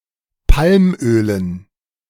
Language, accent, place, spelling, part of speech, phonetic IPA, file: German, Germany, Berlin, Palmölen, noun, [ˈpalmˌʔøːlən], De-Palmölen.ogg
- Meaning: dative plural of Palmöl